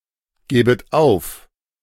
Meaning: second-person plural subjunctive II of aufgeben
- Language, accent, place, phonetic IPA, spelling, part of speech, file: German, Germany, Berlin, [ˌɡɛːbət ˈaʊ̯f], gäbet auf, verb, De-gäbet auf.ogg